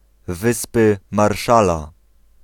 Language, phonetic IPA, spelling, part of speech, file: Polish, [ˈvɨspɨ marˈʃala], Wyspy Marshalla, proper noun, Pl-Wyspy Marshalla.ogg